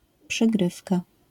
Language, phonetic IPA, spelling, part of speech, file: Polish, [pʃɨˈɡrɨfka], przygrywka, noun, LL-Q809 (pol)-przygrywka.wav